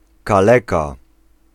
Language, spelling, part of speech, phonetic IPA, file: Polish, kaleka, noun, [kaˈlɛka], Pl-kaleka.ogg